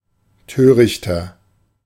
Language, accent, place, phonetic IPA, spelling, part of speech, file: German, Germany, Berlin, [ˈtøːʁɪçtɐ], törichter, adjective, De-törichter.ogg
- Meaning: inflection of töricht: 1. strong/mixed nominative masculine singular 2. strong genitive/dative feminine singular 3. strong genitive plural